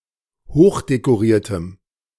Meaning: strong dative masculine/neuter singular of hochdekoriert
- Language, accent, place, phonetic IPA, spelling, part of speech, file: German, Germany, Berlin, [ˈhoːxdekoˌʁiːɐ̯təm], hochdekoriertem, adjective, De-hochdekoriertem.ogg